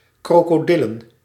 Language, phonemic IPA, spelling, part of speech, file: Dutch, /ˌkrokoˈdɪlə(n)/, krokodillen, noun, Nl-krokodillen.ogg
- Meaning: plural of krokodil